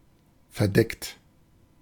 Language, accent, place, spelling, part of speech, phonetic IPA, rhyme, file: German, Germany, Berlin, verdeckt, adjective / verb, [fɛɐ̯ˈdɛkt], -ɛkt, De-verdeckt.ogg
- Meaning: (verb) past participle of verdecken; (adjective) covert, undercover